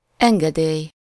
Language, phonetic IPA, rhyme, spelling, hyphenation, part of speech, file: Hungarian, [ˈɛŋɡɛdeːj], -eːj, engedély, en‧ge‧dély, noun, Hu-engedély.ogg
- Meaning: 1. permission 2. license, permit